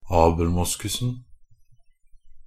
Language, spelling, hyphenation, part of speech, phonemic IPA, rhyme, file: Norwegian Bokmål, abelmoskusen, ab‧el‧mos‧kus‧en, noun, /ɑːbl̩ˈmʊskʉsn̩/, -ʉsn̩, NB - Pronunciation of Norwegian Bokmål «abelmoskusen».ogg
- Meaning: definite singular of abelmoskus